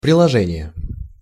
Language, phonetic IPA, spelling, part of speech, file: Russian, [prʲɪɫɐˈʐɛnʲɪje], приложение, noun, Ru-приложение.ogg
- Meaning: 1. appendix, supplement (text added to the end of a book or an article) 2. apposition 3. appositive 4. application (general sense) 5. application, app